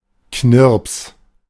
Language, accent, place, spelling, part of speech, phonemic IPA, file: German, Germany, Berlin, Knirps, noun, /knɪʁps/, De-Knirps.ogg
- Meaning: 1. little chap 2. folding umbrella